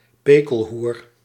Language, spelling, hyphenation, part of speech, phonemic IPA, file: Dutch, pekelhoer, pe‧kel‧hoer, noun, /ˈpeː.kəlˌɦur/, Nl-pekelhoer.ogg
- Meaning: whore, bitch, slut (pejorative for a woman)